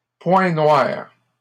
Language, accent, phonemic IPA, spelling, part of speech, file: French, Canada, /pwɛ̃ nwaʁ/, point noir, noun, LL-Q150 (fra)-point noir.wav
- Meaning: 1. blackhead, comedo 2. black spot (section of roadway that has been designated as being particularly accident-prone) 3. negative point, negative aspect